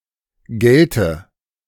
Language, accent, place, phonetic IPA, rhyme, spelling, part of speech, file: German, Germany, Berlin, [ˈɡɛltə], -ɛltə, gelte, adjective / verb, De-gelte.ogg
- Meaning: inflection of gelten: 1. first-person singular present 2. first/third-person singular subjunctive I